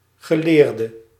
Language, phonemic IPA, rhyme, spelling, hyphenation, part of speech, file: Dutch, /ɣəˈleːr.də/, -eːrdə, geleerde, ge‧leer‧de, noun / adjective / verb, Nl-geleerde.ogg
- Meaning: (noun) academic or otherwise learned expert; scholar, scientist; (adjective) inflection of geleerd: 1. masculine/feminine singular attributive 2. definite neuter singular attributive